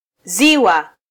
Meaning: 1. lake (body of water) 2. breast (organ)
- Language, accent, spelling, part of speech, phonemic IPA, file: Swahili, Kenya, ziwa, noun, /ˈzi.wɑ/, Sw-ke-ziwa.flac